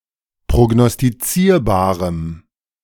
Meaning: strong dative masculine/neuter singular of prognostizierbar
- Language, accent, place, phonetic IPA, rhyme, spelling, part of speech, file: German, Germany, Berlin, [pʁoɡnɔstiˈt͡siːɐ̯baːʁəm], -iːɐ̯baːʁəm, prognostizierbarem, adjective, De-prognostizierbarem.ogg